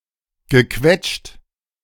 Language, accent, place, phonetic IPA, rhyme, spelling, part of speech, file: German, Germany, Berlin, [ɡəˈkvɛt͡ʃt], -ɛt͡ʃt, gequetscht, verb, De-gequetscht.ogg
- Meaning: past participle of quetschen